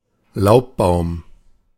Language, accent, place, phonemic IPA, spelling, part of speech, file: German, Germany, Berlin, /ˈlaʊ̯pˌbaʊ̯m/, Laubbaum, noun, De-Laubbaum.ogg
- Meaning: 1. deciduous tree 2. broad-leaved tree